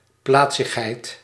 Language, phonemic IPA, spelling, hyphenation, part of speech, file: Dutch, /ˈplaːtsəxɦɛi̯t/, plaatsigheid, plaat‧sig‧heid, noun, Nl-plaatsigheid.ogg
- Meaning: arity (number of arguments)